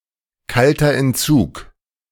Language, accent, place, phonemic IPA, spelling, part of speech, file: German, Germany, Berlin, /ˈkaltɐ ɛntˈt͡suːk/, kalter Entzug, noun, De-kalter Entzug.ogg
- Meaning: cold turkey